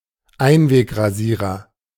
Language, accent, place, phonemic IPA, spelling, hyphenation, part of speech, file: German, Germany, Berlin, /ˈaɪ̯nveːkʁaˌziːʁɐ/, Einwegrasierer, Ein‧weg‧ra‧sie‧rer, noun, De-Einwegrasierer.ogg
- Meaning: disposable razor